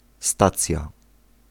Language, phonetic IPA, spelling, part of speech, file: Polish, [ˈstat͡sʲja], stacja, noun, Pl-stacja.ogg